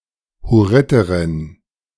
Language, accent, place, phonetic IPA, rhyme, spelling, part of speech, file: German, Germany, Berlin, [hʊˈʁɪtəʁɪn], -ɪtəʁɪn, Hurriterin, noun, De-Hurriterin.ogg
- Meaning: female equivalent of Hurriter: female Hurrian (female member of the Hurrian people)